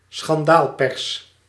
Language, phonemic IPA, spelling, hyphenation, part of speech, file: Dutch, /sxɑnˈdaːlˌpɛrs/, schandaalpers, schan‧daal‧pers, noun, Nl-schandaalpers.ogg
- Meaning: yellow press